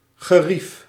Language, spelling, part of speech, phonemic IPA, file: Dutch, gerief, noun, /ɣəˈrif/, Nl-gerief.ogg
- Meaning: 1. comfort, ease 2. use, utility 3. equipment, tools 4. things, stuff